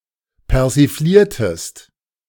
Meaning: inflection of persiflieren: 1. second-person singular preterite 2. second-person singular subjunctive II
- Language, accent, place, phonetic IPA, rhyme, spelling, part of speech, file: German, Germany, Berlin, [pɛʁziˈfliːɐ̯təst], -iːɐ̯təst, persifliertest, verb, De-persifliertest.ogg